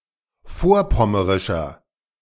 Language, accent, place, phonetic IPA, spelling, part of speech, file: German, Germany, Berlin, [ˈfoːɐ̯ˌpɔməʁɪʃɐ], vorpommerischer, adjective, De-vorpommerischer.ogg
- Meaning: inflection of vorpommerisch: 1. strong/mixed nominative masculine singular 2. strong genitive/dative feminine singular 3. strong genitive plural